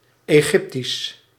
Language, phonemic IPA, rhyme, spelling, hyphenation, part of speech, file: Dutch, /eːˈɣɪp.tis/, -ɪptis, Egyptisch, Egyp‧tisch, adjective / proper noun, Nl-Egyptisch.ogg
- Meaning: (adjective) Egyptian; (proper noun) Egyptian (Egyptian language)